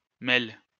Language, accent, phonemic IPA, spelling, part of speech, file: French, France, /mɛl/, mél, noun, LL-Q150 (fra)-mél.wav
- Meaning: an email message